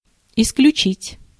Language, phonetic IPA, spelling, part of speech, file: Russian, [ɪsklʲʉˈt͡ɕitʲ], исключить, verb, Ru-исключить.ogg
- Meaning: 1. to exclude 2. to expel 3. to eliminate